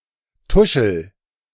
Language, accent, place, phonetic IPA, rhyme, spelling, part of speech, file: German, Germany, Berlin, [ˈtʊʃl̩], -ʊʃl̩, tuschel, verb, De-tuschel.ogg
- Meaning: inflection of tuscheln: 1. first-person singular present 2. singular imperative